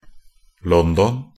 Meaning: London (the capital city of the United Kingdom; the capital city of England) with a metropolitan population of more than 13,000,000
- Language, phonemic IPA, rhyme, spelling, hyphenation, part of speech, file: Norwegian Bokmål, /ˈlɔndɔn/, -ɔn, London, Lon‧don, proper noun, Nb-london.ogg